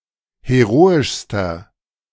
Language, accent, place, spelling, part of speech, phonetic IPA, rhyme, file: German, Germany, Berlin, heroischster, adjective, [heˈʁoːɪʃstɐ], -oːɪʃstɐ, De-heroischster.ogg
- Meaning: inflection of heroisch: 1. strong/mixed nominative masculine singular superlative degree 2. strong genitive/dative feminine singular superlative degree 3. strong genitive plural superlative degree